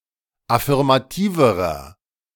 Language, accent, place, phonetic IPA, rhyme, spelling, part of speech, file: German, Germany, Berlin, [afɪʁmaˈtiːvəʁɐ], -iːvəʁɐ, affirmativerer, adjective, De-affirmativerer.ogg
- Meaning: inflection of affirmativ: 1. strong/mixed nominative masculine singular comparative degree 2. strong genitive/dative feminine singular comparative degree 3. strong genitive plural comparative degree